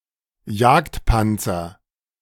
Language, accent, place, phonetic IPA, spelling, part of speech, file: German, Germany, Berlin, [ˈjaːktˌpant͡sɐ], Jagdpanzer, noun, De-Jagdpanzer.ogg
- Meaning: a heavily armored tank destroyer